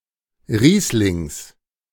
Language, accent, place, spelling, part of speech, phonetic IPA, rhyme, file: German, Germany, Berlin, Rieslings, noun, [ˈʁiːslɪŋs], -iːslɪŋs, De-Rieslings.ogg
- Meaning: genitive of Riesling